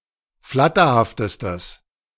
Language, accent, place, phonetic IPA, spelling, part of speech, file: German, Germany, Berlin, [ˈflatɐhaftəstəs], flatterhaftestes, adjective, De-flatterhaftestes.ogg
- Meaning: strong/mixed nominative/accusative neuter singular superlative degree of flatterhaft